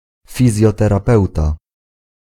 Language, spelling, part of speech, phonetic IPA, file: Polish, fizjoterapeuta, noun, [ˌfʲizʲjɔtɛraˈpɛwta], Pl-fizjoterapeuta.ogg